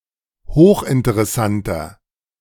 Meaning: inflection of hochinteressant: 1. strong/mixed nominative masculine singular 2. strong genitive/dative feminine singular 3. strong genitive plural
- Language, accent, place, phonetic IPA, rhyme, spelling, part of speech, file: German, Germany, Berlin, [ˈhoːxʔɪntəʁɛˌsantɐ], -antɐ, hochinteressanter, adjective, De-hochinteressanter.ogg